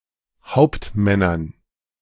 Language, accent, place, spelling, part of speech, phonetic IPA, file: German, Germany, Berlin, Hauptmännern, noun, [ˈhaʊ̯ptˌmɛnɐn], De-Hauptmännern.ogg
- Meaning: dative plural of Hauptmann